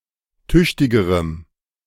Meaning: strong dative masculine/neuter singular comparative degree of tüchtig
- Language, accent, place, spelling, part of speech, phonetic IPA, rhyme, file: German, Germany, Berlin, tüchtigerem, adjective, [ˈtʏçtɪɡəʁəm], -ʏçtɪɡəʁəm, De-tüchtigerem.ogg